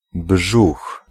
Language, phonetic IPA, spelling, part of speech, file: Polish, [bʒux], brzuch, noun, Pl-brzuch.ogg